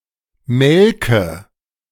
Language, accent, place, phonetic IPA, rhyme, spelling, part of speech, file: German, Germany, Berlin, [ˈmɛlkə], -ɛlkə, melke, adjective / verb, De-melke.ogg
- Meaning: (verb) inflection of melken: 1. first-person singular present 2. first/third-person singular subjunctive I 3. singular imperative